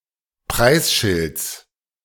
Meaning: genitive singular of Preisschild
- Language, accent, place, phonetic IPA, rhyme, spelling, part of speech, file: German, Germany, Berlin, [ˈpʁaɪ̯sˌʃɪlt͡s], -aɪ̯sʃɪlt͡s, Preisschilds, noun, De-Preisschilds.ogg